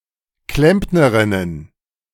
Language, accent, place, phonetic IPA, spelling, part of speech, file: German, Germany, Berlin, [ˈklɛmpnəʁɪnən], Klempnerinnen, noun, De-Klempnerinnen.ogg
- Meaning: plural of Klempnerin